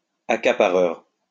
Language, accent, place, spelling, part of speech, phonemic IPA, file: French, France, Lyon, accapareur, noun, /a.ka.pa.ʁœʁ/, LL-Q150 (fra)-accapareur.wav
- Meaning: 1. hoarder 2. monopolist